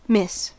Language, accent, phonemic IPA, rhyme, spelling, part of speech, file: English, General American, /mɪs/, -ɪs, miss, verb / noun, En-us-miss.ogg
- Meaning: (verb) 1. To fail to hit, catch, grasp, etc 2. To avoid hitting 3. To fail to achieve or attain 4. To fail to experience, attend, partake, take advantage of, etc 5. To avoid or escape